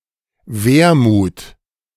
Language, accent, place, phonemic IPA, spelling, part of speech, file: German, Germany, Berlin, /ˈveːʁˌmuːt/, Wermut, noun, De-Wermut.ogg
- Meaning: 1. wormwood (herb) 2. vermouth (drink)